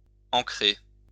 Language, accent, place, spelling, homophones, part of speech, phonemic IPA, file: French, France, Lyon, ancrer, encrer, verb, /ɑ̃.kʁe/, LL-Q150 (fra)-ancrer.wav
- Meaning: 1. to anchor 2. to fix, to anchor, to make permanent